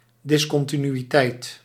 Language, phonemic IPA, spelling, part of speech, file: Dutch, /ˌdɪs.kɔn.ti.ny.iˈtɛi̯t/, discontinuïteit, noun, Nl-discontinuïteit.ogg
- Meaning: discontinuity